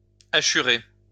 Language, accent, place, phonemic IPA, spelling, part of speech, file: French, France, Lyon, /a.ʃy.ʁe/, hachurer, verb, LL-Q150 (fra)-hachurer.wav
- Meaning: to hachure